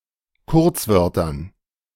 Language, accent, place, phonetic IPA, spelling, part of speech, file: German, Germany, Berlin, [ˈkʊʁt͡sˌvœʁtɐn], Kurzwörtern, noun, De-Kurzwörtern.ogg
- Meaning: dative plural of Kurzwort